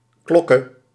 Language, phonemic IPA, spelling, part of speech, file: Dutch, /ˈklɔkə/, klokke, noun / adverb / verb, Nl-klokke.ogg
- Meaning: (noun) alternative form of klok; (adverb) exactly at a given time; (verb) singular present subjunctive of klokken